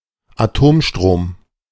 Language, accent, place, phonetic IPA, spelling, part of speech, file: German, Germany, Berlin, [aˈtoːmˌʃtʁoːm], Atomstrom, noun, De-Atomstrom.ogg
- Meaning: nuclear power